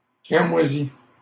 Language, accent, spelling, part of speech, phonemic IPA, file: French, Canada, cramoisie, adjective, /kʁa.mwa.zi/, LL-Q150 (fra)-cramoisie.wav
- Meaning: feminine singular of cramoisi